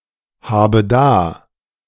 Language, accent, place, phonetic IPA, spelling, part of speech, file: German, Germany, Berlin, [ˌhaːbə ˈdaː], habe da, verb, De-habe da.ogg
- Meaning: inflection of dahaben: 1. first-person singular present 2. first/third-person singular subjunctive I 3. singular imperative